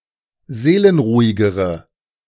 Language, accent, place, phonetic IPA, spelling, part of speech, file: German, Germany, Berlin, [ˈzeːlənˌʁuːɪɡəʁə], seelenruhigere, adjective, De-seelenruhigere.ogg
- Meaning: inflection of seelenruhig: 1. strong/mixed nominative/accusative feminine singular comparative degree 2. strong nominative/accusative plural comparative degree